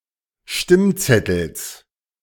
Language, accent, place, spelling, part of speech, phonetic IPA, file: German, Germany, Berlin, Stimmzettels, noun, [ˈʃtɪmˌt͡sɛtl̩s], De-Stimmzettels.ogg
- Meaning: genitive singular of Stimmzettel